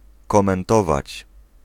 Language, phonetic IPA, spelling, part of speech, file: Polish, [ˌkɔ̃mɛ̃nˈtɔvat͡ɕ], komentować, verb, Pl-komentować.ogg